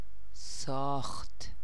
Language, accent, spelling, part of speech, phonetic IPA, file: Persian, Iran, ساخت, verb, [sɒːxt̪ʰ], Fa-ساخت.ogg
- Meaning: third-person singular preterite indicative of ساختن (sâxtan)